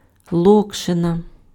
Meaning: noodles
- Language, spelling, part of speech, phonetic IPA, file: Ukrainian, локшина, noun, [ˈɫɔkʃenɐ], Uk-локшина.ogg